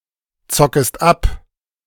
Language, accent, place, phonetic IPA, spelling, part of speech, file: German, Germany, Berlin, [ˌt͡sɔkəst ˈap], zockest ab, verb, De-zockest ab.ogg
- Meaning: second-person singular subjunctive I of abzocken